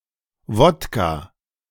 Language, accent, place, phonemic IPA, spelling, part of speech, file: German, Germany, Berlin, /ˈvɔtka/, Wodka, noun, De-Wodka.ogg
- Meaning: vodka